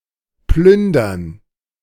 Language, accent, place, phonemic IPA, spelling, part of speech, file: German, Germany, Berlin, /ˈplʏn.dɐn/, plündern, verb, De-plündern.ogg
- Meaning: 1. to loot; to plunder; to pillage; to raid (to steal large amounts (from), especially in a state of war or catastrophe) 2. to take or buy a lot from (e.g. a refrigerator, a shop)